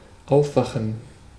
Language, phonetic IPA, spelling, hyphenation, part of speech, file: German, [ˈʔaʊfˌvaxən], aufwachen, auf‧wa‧chen, verb, De-aufwachen.ogg
- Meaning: to awake, to wake up